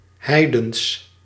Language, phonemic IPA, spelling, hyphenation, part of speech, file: Dutch, /ˈɦɛi̯.dəns/, heidens, hei‧dens, adjective, Nl-heidens.ogg
- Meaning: 1. pagan (pertaining to paganism) 2. gentile (pertaining to non-Jews) 3. uncivilised, heathen 4. immense, enormous